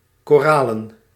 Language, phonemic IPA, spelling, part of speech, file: Dutch, /koˈralə(n)/, koralen, adjective / noun, Nl-koralen.ogg
- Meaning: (noun) plural of koraal; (adjective) 1. coralline, of or relating to coral 2. of the red color associated with red coral